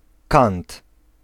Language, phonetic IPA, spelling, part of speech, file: Polish, [kãnt], kant, noun, Pl-kant.ogg